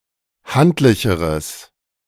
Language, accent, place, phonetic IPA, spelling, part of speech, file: German, Germany, Berlin, [ˈhantlɪçəʁəs], handlicheres, adjective, De-handlicheres.ogg
- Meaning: strong/mixed nominative/accusative neuter singular comparative degree of handlich